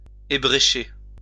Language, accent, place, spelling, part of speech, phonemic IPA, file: French, France, Lyon, ébrécher, verb, /e.bʁe.ʃe/, LL-Q150 (fra)-ébrécher.wav
- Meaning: to chip; to dent